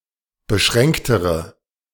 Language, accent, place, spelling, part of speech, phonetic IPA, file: German, Germany, Berlin, beschränktere, adjective, [bəˈʃʁɛŋktəʁə], De-beschränktere.ogg
- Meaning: inflection of beschränkt: 1. strong/mixed nominative/accusative feminine singular comparative degree 2. strong nominative/accusative plural comparative degree